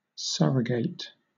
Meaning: To replace or substitute something with something else; to appoint a successor
- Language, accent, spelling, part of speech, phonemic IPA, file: English, Southern England, surrogate, verb, /ˈsʌɹəɡeɪt/, LL-Q1860 (eng)-surrogate.wav